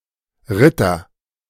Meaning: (noun) knight; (proper noun) a surname originating as an occupation
- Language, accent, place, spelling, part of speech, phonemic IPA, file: German, Germany, Berlin, Ritter, noun / proper noun, /ˈʁɪtɐ/, De-Ritter.ogg